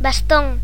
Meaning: 1. staff 2. baton 3. walking stick, stick, cane 4. rod cell
- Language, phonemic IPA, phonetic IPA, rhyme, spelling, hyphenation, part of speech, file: Galician, /basˈtoŋ/, [bas̺ˈt̪oŋ], -oŋ, bastón, bas‧tón, noun, Gl-bastón.ogg